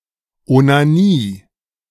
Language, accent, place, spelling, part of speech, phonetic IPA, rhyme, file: German, Germany, Berlin, Onanie, noun, [ʔonaˈniː], -iː, De-Onanie.ogg
- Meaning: masturbation